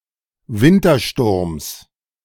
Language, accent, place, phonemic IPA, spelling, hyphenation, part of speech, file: German, Germany, Berlin, /ˈvɪntɐˌʃtʊʁms/, Wintersturms, Win‧ter‧sturms, noun, De-Wintersturms.ogg
- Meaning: genitive singular of Wintersturm